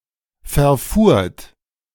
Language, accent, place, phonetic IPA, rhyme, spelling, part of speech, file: German, Germany, Berlin, [fɛɐ̯ˈfuːɐ̯t], -uːɐ̯t, verfuhrt, verb, De-verfuhrt.ogg
- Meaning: second-person plural preterite of verfahren